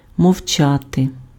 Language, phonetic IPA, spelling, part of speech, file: Ukrainian, [mɔu̯ˈt͡ʃate], мовчати, verb, Uk-мовчати.ogg
- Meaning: to be silent; to keep quiet